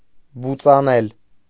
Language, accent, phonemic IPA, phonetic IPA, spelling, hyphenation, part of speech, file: Armenian, Eastern Armenian, /but͡sɑˈnel/, [but͡sɑnél], բուծանել, բու‧ծա‧նել, verb, Hy-բուծանել.ogg
- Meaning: alternative form of բուծել (bucel)